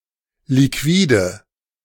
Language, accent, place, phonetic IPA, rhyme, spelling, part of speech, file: German, Germany, Berlin, [liˈkviːdə], -iːdə, Liquide, noun, De-Liquide.ogg
- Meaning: nominative/accusative/genitive plural of Liquid